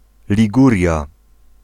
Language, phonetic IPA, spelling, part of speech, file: Polish, [lʲiˈɡurʲja], Liguria, proper noun, Pl-Liguria.ogg